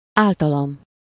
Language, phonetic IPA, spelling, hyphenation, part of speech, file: Hungarian, [ˈaːltɒlɒm], általam, ál‧ta‧lam, pronoun, Hu-általam.ogg
- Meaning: first-person singular of általa